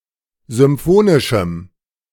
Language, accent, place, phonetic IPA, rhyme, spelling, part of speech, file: German, Germany, Berlin, [zʏmˈfoːnɪʃm̩], -oːnɪʃm̩, symphonischem, adjective, De-symphonischem.ogg
- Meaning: strong dative masculine/neuter singular of symphonisch